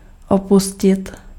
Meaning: to leave, to abandon
- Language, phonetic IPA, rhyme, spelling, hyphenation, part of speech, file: Czech, [ˈopuscɪt], -uscɪt, opustit, opu‧s‧tit, verb, Cs-opustit.ogg